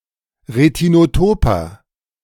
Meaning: inflection of retinotop: 1. strong/mixed nominative masculine singular 2. strong genitive/dative feminine singular 3. strong genitive plural
- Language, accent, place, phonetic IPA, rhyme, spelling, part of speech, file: German, Germany, Berlin, [ʁetinoˈtoːpɐ], -oːpɐ, retinotoper, adjective, De-retinotoper.ogg